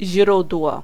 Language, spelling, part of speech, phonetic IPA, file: Polish, źródło, noun, [ˈʑrudwɔ], Pl-źródło.ogg